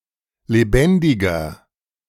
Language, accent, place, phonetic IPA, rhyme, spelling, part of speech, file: German, Germany, Berlin, [leˈbɛndɪɡɐ], -ɛndɪɡɐ, lebendiger, adjective, De-lebendiger.ogg
- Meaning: 1. comparative degree of lebendig 2. inflection of lebendig: strong/mixed nominative masculine singular 3. inflection of lebendig: strong genitive/dative feminine singular